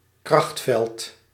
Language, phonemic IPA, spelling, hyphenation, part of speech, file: Dutch, /ˈkrɑxt.fɛlt/, krachtveld, kracht‧veld, noun, Nl-krachtveld.ogg
- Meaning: a force field